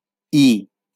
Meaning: The fourth character in the Bengali abugida
- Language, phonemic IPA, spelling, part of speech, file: Bengali, /i/, ঈ, character, LL-Q9610 (ben)-ঈ.wav